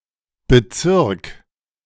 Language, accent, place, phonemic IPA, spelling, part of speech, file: German, Germany, Berlin, /bəˈt͡sɪʁk/, Bezirk, noun, De-Bezirk.ogg
- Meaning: district, borough (formal administrative division)